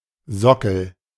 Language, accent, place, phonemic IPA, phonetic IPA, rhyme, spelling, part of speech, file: German, Germany, Berlin, /ˈzɔkəl/, [ˈzɔkl̩], -ɔkl̩, Sockel, noun, De-Sockel.ogg
- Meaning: 1. base 2. pedestal, plinth 3. socket, base (clipping of Lampensockel) 4. socket for a chip or CPU